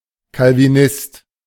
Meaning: Calvinist
- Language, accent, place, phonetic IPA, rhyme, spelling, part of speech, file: German, Germany, Berlin, [kalviˈnɪst], -ɪst, Calvinist, noun, De-Calvinist.ogg